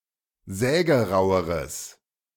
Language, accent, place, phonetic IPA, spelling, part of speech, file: German, Germany, Berlin, [ˈzɛːɡəˌʁaʊ̯əʁəs], sägeraueres, adjective, De-sägeraueres.ogg
- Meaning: strong/mixed nominative/accusative neuter singular comparative degree of sägerau